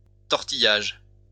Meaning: 1. twisting 2. squirming
- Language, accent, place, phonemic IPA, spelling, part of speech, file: French, France, Lyon, /tɔʁ.ti.jaʒ/, tortillage, noun, LL-Q150 (fra)-tortillage.wav